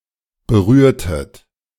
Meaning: inflection of berühren: 1. second-person plural preterite 2. second-person plural subjunctive II
- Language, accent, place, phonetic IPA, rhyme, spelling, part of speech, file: German, Germany, Berlin, [bəˈʁyːɐ̯tət], -yːɐ̯tət, berührtet, verb, De-berührtet.ogg